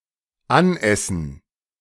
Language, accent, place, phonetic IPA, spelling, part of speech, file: German, Germany, Berlin, [ˈanˌʔɛsn̩], anessen, verb, De-anessen.ogg
- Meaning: 1. to get something from eating (e.g. a fat belly) 2. to eat until full